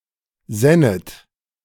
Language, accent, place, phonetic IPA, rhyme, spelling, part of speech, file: German, Germany, Berlin, [ˈzɛnət], -ɛnət, sännet, verb, De-sännet.ogg
- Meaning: second-person plural subjunctive II of sinnen